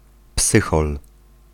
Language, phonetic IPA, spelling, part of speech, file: Polish, [ˈpsɨxɔl], psychol, noun, Pl-psychol.ogg